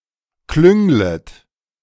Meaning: second-person plural subjunctive I of klüngeln
- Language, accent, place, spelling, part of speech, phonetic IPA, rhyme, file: German, Germany, Berlin, klünglet, verb, [ˈklʏŋlət], -ʏŋlət, De-klünglet.ogg